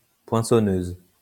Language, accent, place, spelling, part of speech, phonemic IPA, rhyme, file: French, France, Lyon, poinçonneuse, noun, /pwɛ̃.sɔ.nøz/, -øz, LL-Q150 (fra)-poinçonneuse.wav
- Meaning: punch (machine)